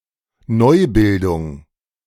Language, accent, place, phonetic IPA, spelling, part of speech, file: German, Germany, Berlin, [ˈnɔɪ̯ˌbɪldʊŋ], Neubildung, noun, De-Neubildung.ogg
- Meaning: 1. regeneration, restructuring 2. neogenesis